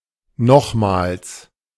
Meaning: again, once more
- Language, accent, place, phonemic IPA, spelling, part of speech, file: German, Germany, Berlin, /ˈnɔχmaːls/, nochmals, adverb, De-nochmals.ogg